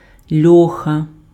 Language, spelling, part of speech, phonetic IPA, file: Ukrainian, льоха, noun, [ˈlʲɔxɐ], Uk-льоха.ogg
- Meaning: sow (female pig)